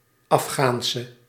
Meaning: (adjective) inflection of Afghaans: 1. masculine/feminine singular attributive 2. definite neuter singular attributive 3. plural attributive
- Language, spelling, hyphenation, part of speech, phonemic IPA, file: Dutch, Afghaanse, Af‧ghaan‧se, adjective / noun, /ˌɑfˈxaːn.sə/, Nl-Afghaanse.ogg